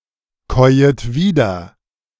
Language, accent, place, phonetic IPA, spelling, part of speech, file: German, Germany, Berlin, [ˌkɔɪ̯ət ˈviːdɐ], käuet wieder, verb, De-käuet wieder.ogg
- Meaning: second-person plural subjunctive I of wiederkäuen